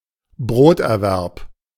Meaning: breadwinning
- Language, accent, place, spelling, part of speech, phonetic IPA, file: German, Germany, Berlin, Broterwerb, noun, [ˈbʁoːtʔɛɐ̯ˌvɛʁp], De-Broterwerb.ogg